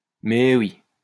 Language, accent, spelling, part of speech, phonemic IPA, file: French, France, mais oui, interjection, /mɛ wi/, LL-Q150 (fra)-mais oui.wav
- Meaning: of course